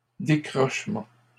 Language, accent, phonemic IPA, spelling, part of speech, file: French, Canada, /de.kʁɔʃ.mɑ̃/, décrochement, noun, LL-Q150 (fra)-décrochement.wav
- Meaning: 1. setback 2. recess